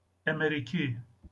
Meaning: alternative form of emrîkî (“American”)
- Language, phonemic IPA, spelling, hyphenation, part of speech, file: Northern Kurdish, /ɛmɛɾiːˈkiː/, emerîkî, e‧me‧rî‧kî, adjective, LL-Q36163 (kmr)-emerîkî.wav